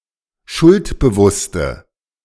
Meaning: inflection of schuldbewusst: 1. strong/mixed nominative/accusative feminine singular 2. strong nominative/accusative plural 3. weak nominative all-gender singular
- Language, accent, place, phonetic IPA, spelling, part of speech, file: German, Germany, Berlin, [ˈʃʊltbəˌvʊstə], schuldbewusste, adjective, De-schuldbewusste.ogg